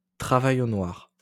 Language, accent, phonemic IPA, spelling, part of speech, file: French, France, /tʁa.va.j‿o nwaʁ/, travail au noir, noun, LL-Q150 (fra)-travail au noir.wav
- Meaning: moonlighting, undeclared work